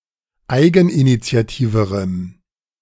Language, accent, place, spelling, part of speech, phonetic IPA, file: German, Germany, Berlin, eigeninitiativerem, adjective, [ˈaɪ̯ɡn̩ʔinit͡si̯aˌtiːvəʁəm], De-eigeninitiativerem.ogg
- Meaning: strong dative masculine/neuter singular comparative degree of eigeninitiativ